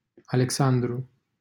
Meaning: a male given name from Ancient Greek, equivalent to English Alexander
- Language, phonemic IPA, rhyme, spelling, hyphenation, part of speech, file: Romanian, /a.lekˈsan.dru/, -andru, Alexandru, Ale‧xan‧dru, proper noun, LL-Q7913 (ron)-Alexandru.wav